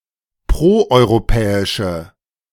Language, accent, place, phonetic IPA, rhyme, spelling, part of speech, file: German, Germany, Berlin, [ˌpʁoʔɔɪ̯ʁoˈpɛːɪʃə], -ɛːɪʃə, proeuropäische, adjective, De-proeuropäische.ogg
- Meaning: inflection of proeuropäisch: 1. strong/mixed nominative/accusative feminine singular 2. strong nominative/accusative plural 3. weak nominative all-gender singular